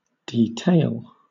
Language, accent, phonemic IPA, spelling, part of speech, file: English, Southern England, /diːˈteɪl/, de-tail, verb, LL-Q1860 (eng)-de-tail.wav
- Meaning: To remove the tail from